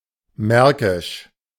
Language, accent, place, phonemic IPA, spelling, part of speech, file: German, Germany, Berlin, /ˈmɛʁkɪʃ/, märkisch, adjective, De-märkisch.ogg
- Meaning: 1. of the Margraviate of Brandenburg 2. of the County of Mark or Märkischer Kreis